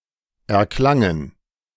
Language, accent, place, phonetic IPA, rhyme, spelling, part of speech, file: German, Germany, Berlin, [ɛɐ̯ˈklaŋən], -aŋən, erklangen, verb, De-erklangen.ogg
- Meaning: first/third-person plural preterite of erklingen